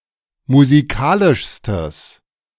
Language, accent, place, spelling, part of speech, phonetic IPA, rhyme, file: German, Germany, Berlin, musikalischstes, adjective, [muziˈkaːlɪʃstəs], -aːlɪʃstəs, De-musikalischstes.ogg
- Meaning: strong/mixed nominative/accusative neuter singular superlative degree of musikalisch